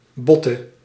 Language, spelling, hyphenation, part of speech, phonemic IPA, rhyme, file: Dutch, botte, bot‧te, adjective, /ˈbɔtə/, -ɔtə, Nl-botte.ogg
- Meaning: inflection of bot: 1. indefinite plural 2. definite